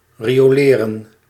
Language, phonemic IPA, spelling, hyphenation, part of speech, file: Dutch, /ˌri.oːˈleː.rə(n)/, rioleren, ri‧o‧le‧ren, verb, Nl-rioleren.ogg
- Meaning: to furnish with sewerage